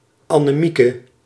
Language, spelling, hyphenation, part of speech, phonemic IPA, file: Dutch, Annemieke, An‧ne‧mie‧ke, proper noun, /ˌɑ.nəˈmi.kə/, Nl-Annemieke.ogg
- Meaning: a female given name